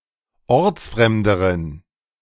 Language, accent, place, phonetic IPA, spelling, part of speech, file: German, Germany, Berlin, [ˈɔʁt͡sˌfʁɛmdəʁən], ortsfremderen, adjective, De-ortsfremderen.ogg
- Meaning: inflection of ortsfremd: 1. strong genitive masculine/neuter singular comparative degree 2. weak/mixed genitive/dative all-gender singular comparative degree